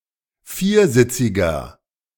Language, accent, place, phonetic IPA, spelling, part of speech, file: German, Germany, Berlin, [ˈfiːɐ̯ˌzɪt͡sɪɡɐ], viersitziger, adjective, De-viersitziger.ogg
- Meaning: inflection of viersitzig: 1. strong/mixed nominative masculine singular 2. strong genitive/dative feminine singular 3. strong genitive plural